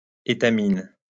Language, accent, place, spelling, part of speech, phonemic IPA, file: French, France, Lyon, étamine, noun, /e.ta.min/, LL-Q150 (fra)-étamine.wav
- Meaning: 1. muslin, cheesecloth, etamine (a fine fabric often used to filter liquids) 2. stamen (a flower part that produces pollen)